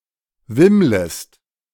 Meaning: second-person singular subjunctive I of wimmeln
- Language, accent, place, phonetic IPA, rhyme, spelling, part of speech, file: German, Germany, Berlin, [ˈvɪmləst], -ɪmləst, wimmlest, verb, De-wimmlest.ogg